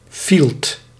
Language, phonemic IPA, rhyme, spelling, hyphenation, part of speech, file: Dutch, /filt/, -ilt, fielt, fielt, noun, Nl-fielt.ogg
- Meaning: scumbag, bastard, villain